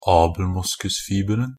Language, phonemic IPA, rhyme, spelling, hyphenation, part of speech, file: Norwegian Bokmål, /ɑːbl̩ˈmʊskʉsfiːbərn̩/, -ərn̩, abelmoskusfiberen, ab‧el‧mos‧kus‧fi‧ber‧en, noun, NB - Pronunciation of Norwegian Bokmål «abelmoskusfiberen».ogg
- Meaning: definite singular of abelmoskusfiber